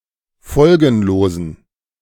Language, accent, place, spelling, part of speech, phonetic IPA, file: German, Germany, Berlin, folgenlosen, adjective, [ˈfɔlɡn̩loːzn̩], De-folgenlosen.ogg
- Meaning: inflection of folgenlos: 1. strong genitive masculine/neuter singular 2. weak/mixed genitive/dative all-gender singular 3. strong/weak/mixed accusative masculine singular 4. strong dative plural